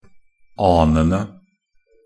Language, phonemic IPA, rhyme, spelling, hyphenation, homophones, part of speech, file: Norwegian Bokmål, /ˈɑːnənə/, -ənə, anene, an‧en‧e, anende, noun, Nb-anene.ogg
- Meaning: definite plural of ane